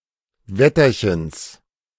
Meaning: genitive singular of Wetterchen
- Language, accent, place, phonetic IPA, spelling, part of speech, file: German, Germany, Berlin, [ˈvɛtɐçəns], Wetterchens, noun, De-Wetterchens.ogg